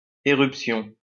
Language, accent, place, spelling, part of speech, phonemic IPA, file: French, France, Lyon, éruption, noun, /e.ʁyp.sjɔ̃/, LL-Q150 (fra)-éruption.wav
- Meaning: 1. eruption 2. rash (inflammation of skin)